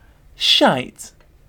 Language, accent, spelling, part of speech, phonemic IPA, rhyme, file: English, UK, shite, noun / adjective / interjection / verb, /ʃaɪt/, -aɪt, En-uk-shite.ogg
- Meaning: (noun) 1. Shit; trash; rubbish; nonsense 2. A foolish or deceitful person; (adjective) Bad; awful; shit; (interjection) An expression of annoyance or dismay; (verb) To defecate